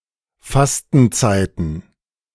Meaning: plural of Fastenzeit
- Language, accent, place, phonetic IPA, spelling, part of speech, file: German, Germany, Berlin, [ˈfastn̩ˌt͡saɪ̯tn̩], Fastenzeiten, noun, De-Fastenzeiten.ogg